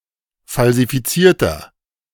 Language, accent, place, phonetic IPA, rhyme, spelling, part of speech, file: German, Germany, Berlin, [falzifiˈt͡siːɐ̯tɐ], -iːɐ̯tɐ, falsifizierter, adjective, De-falsifizierter.ogg
- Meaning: inflection of falsifiziert: 1. strong/mixed nominative masculine singular 2. strong genitive/dative feminine singular 3. strong genitive plural